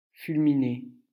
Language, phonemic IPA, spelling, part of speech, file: French, /fyl.mi.ne/, fulminer, verb, LL-Q150 (fra)-fulminer.wav
- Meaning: to fulminate